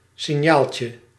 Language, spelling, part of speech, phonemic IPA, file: Dutch, signaaltje, noun, /sɪˈɲalcə/, Nl-signaaltje.ogg
- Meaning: diminutive of signaal